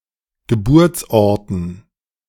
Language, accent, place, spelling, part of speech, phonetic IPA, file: German, Germany, Berlin, Geburtsorten, noun, [ɡəˈbuːɐ̯t͡sˌʔɔʁtn̩], De-Geburtsorten.ogg
- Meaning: plural of Geburtsort